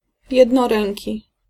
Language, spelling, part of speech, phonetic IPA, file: Polish, jednoręki, adjective, [ˌjɛdnɔˈrɛ̃ŋʲci], Pl-jednoręki.ogg